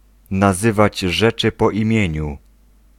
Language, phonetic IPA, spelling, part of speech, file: Polish, [naˈzɨvad͡ʑ ˈʒɛt͡ʃɨ ˌpɔ‿ĩˈmʲjɛ̇̃ɲu], nazywać rzeczy po imieniu, phrase, Pl-nazywać rzeczy po imieniu.ogg